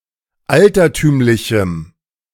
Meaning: strong dative masculine/neuter singular of altertümlich
- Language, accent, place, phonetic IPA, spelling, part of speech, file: German, Germany, Berlin, [ˈaltɐˌtyːmlɪçm̩], altertümlichem, adjective, De-altertümlichem.ogg